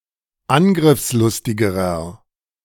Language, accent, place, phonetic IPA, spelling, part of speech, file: German, Germany, Berlin, [ˈanɡʁɪfsˌlʊstɪɡəʁɐ], angriffslustigerer, adjective, De-angriffslustigerer.ogg
- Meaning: inflection of angriffslustig: 1. strong/mixed nominative masculine singular comparative degree 2. strong genitive/dative feminine singular comparative degree